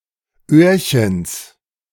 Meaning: genitive singular of Öhrchen
- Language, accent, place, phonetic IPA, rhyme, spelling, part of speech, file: German, Germany, Berlin, [ˈøːɐ̯çəns], -øːɐ̯çəns, Öhrchens, noun, De-Öhrchens.ogg